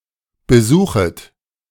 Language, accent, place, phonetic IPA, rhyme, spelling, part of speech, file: German, Germany, Berlin, [bəˈzuːxət], -uːxət, besuchet, verb, De-besuchet.ogg
- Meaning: second-person plural subjunctive I of besuchen